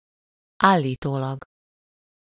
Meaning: supposedly, allegedly, reportedly
- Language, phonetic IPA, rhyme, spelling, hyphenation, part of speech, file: Hungarian, [ˈaːlːiːtoːlɒɡ], -ɒɡ, állítólag, ál‧lí‧tó‧lag, adverb, Hu-állítólag.ogg